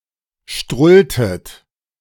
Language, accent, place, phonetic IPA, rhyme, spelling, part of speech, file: German, Germany, Berlin, [ˈʃtʁʊltət], -ʊltət, strulltet, verb, De-strulltet.ogg
- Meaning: inflection of strullen: 1. second-person plural preterite 2. second-person plural subjunctive II